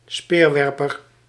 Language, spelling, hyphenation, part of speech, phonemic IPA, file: Dutch, speerwerper, speer‧wer‧per, noun, /ˈspeːrˌʋɛr.pər/, Nl-speerwerper.ogg
- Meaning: a javelin thrower, a spear thrower